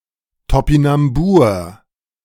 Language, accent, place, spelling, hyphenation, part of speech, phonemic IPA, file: German, Germany, Berlin, Topinambur, To‧pi‧nam‧bur, noun, /tɔpɪnamˈbuːʁ/, De-Topinambur.ogg
- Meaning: Jerusalem artichoke